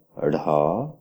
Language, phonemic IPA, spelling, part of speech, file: Odia, /ɽʱɔ/, ଢ଼, character, Or-ଢ଼.oga
- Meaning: The twenty-eighth letter in the Odia abugida